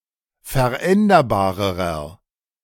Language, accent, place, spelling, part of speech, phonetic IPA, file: German, Germany, Berlin, veränderbarerer, adjective, [fɛɐ̯ˈʔɛndɐbaːʁəʁɐ], De-veränderbarerer.ogg
- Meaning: inflection of veränderbar: 1. strong/mixed nominative masculine singular comparative degree 2. strong genitive/dative feminine singular comparative degree 3. strong genitive plural comparative degree